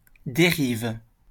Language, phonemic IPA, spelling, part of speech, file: French, /de.ʁiv/, dérive, noun / verb, LL-Q150 (fra)-dérive.wav
- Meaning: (noun) 1. drift 2. centreboard 3. leeway 4. dérive (revolutionary strategy); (verb) inflection of dériver: first/third-person singular present indicative/subjunctive